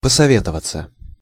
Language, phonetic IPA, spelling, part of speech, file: Russian, [pəsɐˈvʲetəvət͡sə], посоветоваться, verb, Ru-посоветоваться.ogg
- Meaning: 1. to consult 2. to confer, to deliberate, to exchange views 3. passive of посове́товать (posovétovatʹ)